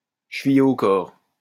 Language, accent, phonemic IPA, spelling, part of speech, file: French, France, /ʃə.vi.je o kɔʁ/, chevillé au corps, adjective, LL-Q150 (fra)-chevillé au corps.wav
- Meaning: 1. deeply attached; strongly rooted 2. intimately linked to an object or person as a key part of it